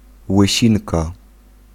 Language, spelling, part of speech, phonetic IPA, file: Polish, łysinka, noun, [wɨˈɕĩnka], Pl-łysinka.ogg